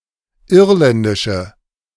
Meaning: inflection of irländisch: 1. strong/mixed nominative/accusative feminine singular 2. strong nominative/accusative plural 3. weak nominative all-gender singular
- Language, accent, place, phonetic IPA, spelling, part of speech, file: German, Germany, Berlin, [ˈɪʁlɛndɪʃə], irländische, adjective, De-irländische.ogg